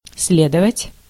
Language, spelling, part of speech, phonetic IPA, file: Russian, следовать, verb, [ˈs⁽ʲ⁾lʲedəvətʲ], Ru-следовать.ogg
- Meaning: 1. to follow (move continually behind someone or something) 2. to follow (in sequence), to be next 3. to follow (logically, consequentially), to be a consequence, to ensue